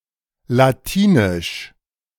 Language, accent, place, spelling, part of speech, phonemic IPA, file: German, Germany, Berlin, latinisch, adjective, /laˈtiːnɪʃ/, De-latinisch.ogg
- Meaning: Latin, only in the following two senses: 1. of Latium 2. of the Latins (Old Italic tribe)